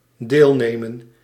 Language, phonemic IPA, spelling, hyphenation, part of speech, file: Dutch, /ˈdeːlneːmə(n)/, deelnemen, deel‧ne‧men, verb, Nl-deelnemen.ogg
- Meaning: to take part, to partake, to participate